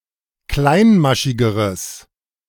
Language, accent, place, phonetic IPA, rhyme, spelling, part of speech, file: German, Germany, Berlin, [ˈklaɪ̯nˌmaʃɪɡəʁəs], -aɪ̯nmaʃɪɡəʁəs, kleinmaschigeres, adjective, De-kleinmaschigeres.ogg
- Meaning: strong/mixed nominative/accusative neuter singular comparative degree of kleinmaschig